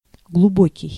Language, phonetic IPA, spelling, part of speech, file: Russian, [ɡɫʊˈbokʲɪj], глубокий, adjective, Ru-глубокий.ogg
- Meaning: deep, profound